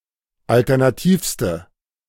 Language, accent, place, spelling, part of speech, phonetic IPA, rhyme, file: German, Germany, Berlin, alternativste, adjective, [ˌaltɛʁnaˈtiːfstə], -iːfstə, De-alternativste.ogg
- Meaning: inflection of alternativ: 1. strong/mixed nominative/accusative feminine singular superlative degree 2. strong nominative/accusative plural superlative degree